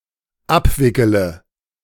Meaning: inflection of abwickeln: 1. first-person singular dependent present 2. first/third-person singular dependent subjunctive I
- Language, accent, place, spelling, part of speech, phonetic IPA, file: German, Germany, Berlin, abwickele, verb, [ˈapˌvɪkələ], De-abwickele.ogg